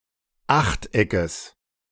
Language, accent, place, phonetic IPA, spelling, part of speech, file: German, Germany, Berlin, [ˈaxtˌʔɛkəs], Achteckes, noun, De-Achteckes.ogg
- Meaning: genitive of Achteck